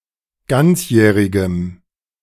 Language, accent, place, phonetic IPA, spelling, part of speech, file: German, Germany, Berlin, [ˈɡant͡sˌjɛːʁɪɡəm], ganzjährigem, adjective, De-ganzjährigem.ogg
- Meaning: strong dative masculine/neuter singular of ganzjährig